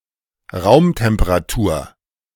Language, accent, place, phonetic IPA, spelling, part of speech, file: German, Germany, Berlin, [ˈʁaʊ̯mtɛmpəʁaˌtuːɐ̯], Raumtemperatur, noun, De-Raumtemperatur.ogg
- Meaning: room temperature, ambient temperature